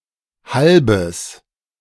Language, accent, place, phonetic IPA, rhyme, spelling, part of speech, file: German, Germany, Berlin, [ˈhalbəs], -albəs, halbes, adjective, De-halbes.ogg
- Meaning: strong/mixed nominative/accusative neuter singular of halb